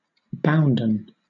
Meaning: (adjective) 1. Now chiefly in "bounden duty": made obligatory; binding 2. Bound; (verb) past participle of bind
- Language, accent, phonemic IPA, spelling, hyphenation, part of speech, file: English, Southern England, /ˈbaʊnd(ə)n/, bounden, bound‧en, adjective / verb, LL-Q1860 (eng)-bounden.wav